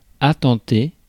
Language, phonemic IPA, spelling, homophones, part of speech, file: French, /a.tɑ̃.te/, attenter, attentai / attenté / attentée / attentées / attentés / attentez, verb, Fr-attenter.ogg
- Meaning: to assault